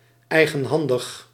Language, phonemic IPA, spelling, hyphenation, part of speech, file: Dutch, /ˌɛi̯.ɣə(n)ˈɦɑn.dəx/, eigenhandig, ei‧gen‧han‧dig, adjective, Nl-eigenhandig.ogg
- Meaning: personally (with one's own hands)